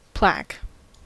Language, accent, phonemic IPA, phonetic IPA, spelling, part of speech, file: English, General American, /plæk/, [pʰl̥æk], plaque, noun, En-us-plaque.ogg